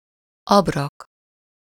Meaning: fodder (food for animals)
- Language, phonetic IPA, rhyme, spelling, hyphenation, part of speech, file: Hungarian, [ˈɒbrɒk], -ɒk, abrak, ab‧rak, noun, Hu-abrak.ogg